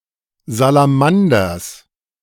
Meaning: genitive singular of Salamander
- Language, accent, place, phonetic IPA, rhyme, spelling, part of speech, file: German, Germany, Berlin, [zalaˈmandɐs], -andɐs, Salamanders, noun, De-Salamanders.ogg